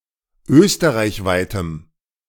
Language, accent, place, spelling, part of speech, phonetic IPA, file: German, Germany, Berlin, österreichweitem, adjective, [ˈøːstəʁaɪ̯çˌvaɪ̯təm], De-österreichweitem.ogg
- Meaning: strong dative masculine/neuter singular of österreichweit